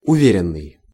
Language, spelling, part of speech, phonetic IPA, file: Russian, уверенный, verb / adjective, [ʊˈvʲerʲɪn(ː)ɨj], Ru-уверенный.ogg
- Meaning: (verb) past passive perfective participle of уве́рить (uvéritʹ); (adjective) confident, sure, certain [with в (v, + prepositional) ‘in/of someone/something’] (of a person)